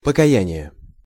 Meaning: 1. repentance, penitence 2. confession
- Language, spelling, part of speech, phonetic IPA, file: Russian, покаяние, noun, [pəkɐˈjænʲɪje], Ru-покаяние.ogg